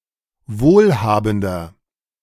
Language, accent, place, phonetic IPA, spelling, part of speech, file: German, Germany, Berlin, [ˈvoːlˌhaːbn̩dɐ], wohlhabender, adjective, De-wohlhabender.ogg
- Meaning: 1. comparative degree of wohlhabend 2. inflection of wohlhabend: strong/mixed nominative masculine singular 3. inflection of wohlhabend: strong genitive/dative feminine singular